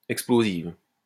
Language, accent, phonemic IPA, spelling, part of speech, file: French, France, /ɛk.splo.ziv/, explosive, adjective, LL-Q150 (fra)-explosive.wav
- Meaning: feminine singular of explosif